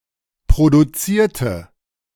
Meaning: inflection of produzieren: 1. first/third-person singular preterite 2. first/third-person singular subjunctive II
- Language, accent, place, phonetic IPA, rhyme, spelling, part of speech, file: German, Germany, Berlin, [pʁoduˈt͡siːɐ̯tə], -iːɐ̯tə, produzierte, adjective / verb, De-produzierte.ogg